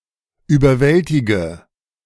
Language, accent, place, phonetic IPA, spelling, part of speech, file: German, Germany, Berlin, [yːbɐˈvɛltɪɡə], überwältige, verb, De-überwältige.ogg
- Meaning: inflection of überwältigen: 1. first-person singular present 2. singular imperative 3. first/third-person singular subjunctive I